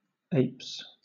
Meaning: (noun) plural of ape; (verb) third-person singular simple present indicative of ape
- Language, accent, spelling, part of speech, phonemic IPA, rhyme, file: English, Southern England, apes, noun / verb, /eɪps/, -eɪps, LL-Q1860 (eng)-apes.wav